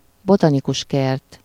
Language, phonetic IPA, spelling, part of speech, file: Hungarian, [ˈbotɒnikuʃ ˌkɛrt], botanikus kert, noun, Hu-botanikus kert.ogg
- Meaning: botanical garden